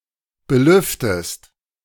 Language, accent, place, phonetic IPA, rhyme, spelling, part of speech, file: German, Germany, Berlin, [bəˈlʏftəst], -ʏftəst, belüftest, verb, De-belüftest.ogg
- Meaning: inflection of belüften: 1. second-person singular present 2. second-person singular subjunctive I